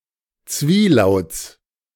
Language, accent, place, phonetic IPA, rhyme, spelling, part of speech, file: German, Germany, Berlin, [ˈt͡sviːˌlaʊ̯t͡s], -iːlaʊ̯t͡s, Zwielauts, noun, De-Zwielauts.ogg
- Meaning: genitive singular of Zwielaut